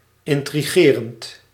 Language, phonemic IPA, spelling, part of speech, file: Dutch, /ˌɪntriˈɣerənt/, intrigerend, adjective / verb, Nl-intrigerend.ogg
- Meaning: present participle of intrigeren